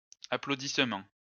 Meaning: plural of applaudissement
- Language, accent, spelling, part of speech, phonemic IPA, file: French, France, applaudissements, noun, /a.plo.dis.mɑ̃/, LL-Q150 (fra)-applaudissements.wav